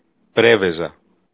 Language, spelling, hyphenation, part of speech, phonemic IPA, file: Greek, Πρέβεζα, Πρέ‧βε‧ζα, proper noun, /ˈpɾeveza/, El-Πρέβεζα.ogg
- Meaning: Preveza (a large town in Epirus, Greece)